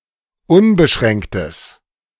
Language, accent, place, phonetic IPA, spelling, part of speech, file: German, Germany, Berlin, [ˈʊnbəˌʃʁɛŋktəs], unbeschränktes, adjective, De-unbeschränktes.ogg
- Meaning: strong/mixed nominative/accusative neuter singular of unbeschränkt